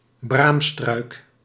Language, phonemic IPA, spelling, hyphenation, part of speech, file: Dutch, /ˈbraːm.strœy̯k/, braamstruik, braam‧struik, noun, Nl-braamstruik.ogg
- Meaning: a blackberry bush, a blackberry shrub